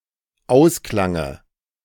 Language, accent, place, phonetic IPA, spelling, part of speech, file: German, Germany, Berlin, [ˈaʊ̯sklaŋə], Ausklange, noun, De-Ausklange.ogg
- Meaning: dative of Ausklang